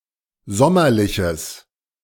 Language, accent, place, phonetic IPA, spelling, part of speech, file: German, Germany, Berlin, [ˈzɔmɐlɪçəs], sommerliches, adjective, De-sommerliches.ogg
- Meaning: strong/mixed nominative/accusative neuter singular of sommerlich